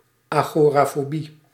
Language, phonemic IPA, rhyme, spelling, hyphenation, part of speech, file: Dutch, /aːˌɣoː.raː.foːˈbi/, -i, agorafobie, ago‧ra‧fo‧bie, noun, Nl-agorafobie.ogg
- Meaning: agoraphobia